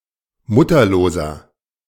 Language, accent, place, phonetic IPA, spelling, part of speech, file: German, Germany, Berlin, [ˈmʊtɐloːzɐ], mutterloser, adjective, De-mutterloser.ogg
- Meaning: inflection of mutterlos: 1. strong/mixed nominative masculine singular 2. strong genitive/dative feminine singular 3. strong genitive plural